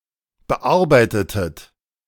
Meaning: inflection of bearbeiten: 1. second-person plural preterite 2. second-person plural subjunctive II
- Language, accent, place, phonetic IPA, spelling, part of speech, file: German, Germany, Berlin, [bəˈʔaʁbaɪ̯tətət], bearbeitetet, verb, De-bearbeitetet.ogg